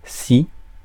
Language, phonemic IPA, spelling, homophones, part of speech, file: French, /si/, ci, si / scie / scies / scient, adverb, Fr-ci.ogg
- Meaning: 1. alternative form of ici (“here”) 2. see -ci